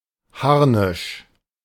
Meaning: 1. armour covering the torso of a medieval knight 2. the entire suit of armour 3. anger, fury
- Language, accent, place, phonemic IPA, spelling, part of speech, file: German, Germany, Berlin, /ˈharnɪʃ/, Harnisch, noun, De-Harnisch.ogg